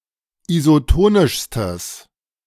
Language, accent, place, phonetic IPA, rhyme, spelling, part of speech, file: German, Germany, Berlin, [izoˈtoːnɪʃstəs], -oːnɪʃstəs, isotonischstes, adjective, De-isotonischstes.ogg
- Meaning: strong/mixed nominative/accusative neuter singular superlative degree of isotonisch